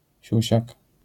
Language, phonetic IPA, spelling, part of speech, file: Polish, [ˈɕüɕak], siusiak, noun, LL-Q809 (pol)-siusiak.wav